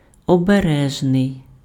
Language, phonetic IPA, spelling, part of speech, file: Ukrainian, [ɔbeˈrɛʒnei̯], обережний, adjective, Uk-обережний.ogg
- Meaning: careful, cautious, wary